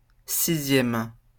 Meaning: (adjective) sixth
- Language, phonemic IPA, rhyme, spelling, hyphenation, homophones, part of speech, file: French, /si.zjɛm/, -ɛm, sixième, si‧xième, sixièmes, adjective / noun, LL-Q150 (fra)-sixième.wav